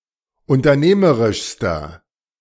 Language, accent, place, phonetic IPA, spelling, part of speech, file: German, Germany, Berlin, [ʊntɐˈneːməʁɪʃstɐ], unternehmerischster, adjective, De-unternehmerischster.ogg
- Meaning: inflection of unternehmerisch: 1. strong/mixed nominative masculine singular superlative degree 2. strong genitive/dative feminine singular superlative degree